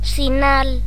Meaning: 1. sign, portent, omen 2. signal 3. sign, gesture 4. mole (skin blemish) 5. emblem, device
- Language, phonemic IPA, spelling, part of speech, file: Galician, /siˈnal/, sinal, noun, Gl-sinal.ogg